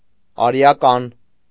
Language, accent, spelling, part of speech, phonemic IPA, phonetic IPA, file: Armenian, Eastern Armenian, արիական, adjective, /ɑɾiɑˈkɑn/, [ɑɾi(j)ɑkɑ́n], Hy-արիական.ogg
- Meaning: 1. Aryan, Indo-Iranian 2. Indo-European